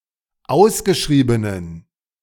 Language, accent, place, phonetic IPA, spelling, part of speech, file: German, Germany, Berlin, [ˈaʊ̯sɡəˌʃʁiːbənən], ausgeschriebenen, adjective, De-ausgeschriebenen.ogg
- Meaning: inflection of ausgeschrieben: 1. strong genitive masculine/neuter singular 2. weak/mixed genitive/dative all-gender singular 3. strong/weak/mixed accusative masculine singular 4. strong dative plural